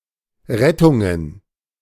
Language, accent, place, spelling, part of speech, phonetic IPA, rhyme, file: German, Germany, Berlin, Rettungen, noun, [ˈʁɛtʊŋən], -ɛtʊŋən, De-Rettungen.ogg
- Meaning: plural of Rettung